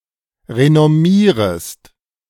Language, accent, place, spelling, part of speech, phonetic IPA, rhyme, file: German, Germany, Berlin, renommierest, verb, [ʁenɔˈmiːʁəst], -iːʁəst, De-renommierest.ogg
- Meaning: second-person singular subjunctive I of renommieren